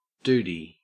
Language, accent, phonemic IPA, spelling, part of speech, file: English, Australia, /duːdi/, doody, noun / verb, En-au-doody.ogg
- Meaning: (noun) Excrement, poop; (verb) To defecate, poop; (noun) A copper coin of India